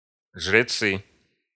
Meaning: nominative plural of жрец (žrec)
- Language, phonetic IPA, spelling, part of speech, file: Russian, [ʐrʲɪˈt͡sɨ], жрецы, noun, Ru-жрецы.ogg